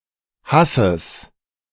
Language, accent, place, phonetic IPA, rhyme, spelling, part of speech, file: German, Germany, Berlin, [ˈhasəs], -asəs, Hasses, noun, De-Hasses.ogg
- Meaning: genitive singular of Haß